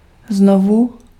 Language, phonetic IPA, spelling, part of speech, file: Czech, [ˈznovu], znovu, adverb, Cs-znovu.ogg
- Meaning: again, anew